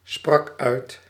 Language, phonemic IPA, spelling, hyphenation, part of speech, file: Dutch, /ˌsprɑk ˈœy̯t/, sprak uit, sprak uit, verb, Nl-sprak uit.ogg
- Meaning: singular past indicative of uitspreken